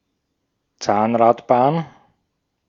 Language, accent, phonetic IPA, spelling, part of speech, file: German, Austria, [ˈt͡saːnʁatˌbaːn], Zahnradbahn, noun, De-at-Zahnradbahn.ogg
- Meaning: rack railway, cog railway